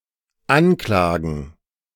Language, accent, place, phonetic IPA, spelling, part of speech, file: German, Germany, Berlin, [ˈanˌklaːɡn̩], Anklagen, noun, De-Anklagen.ogg
- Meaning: 1. gerund of anklagen 2. plural of Anklage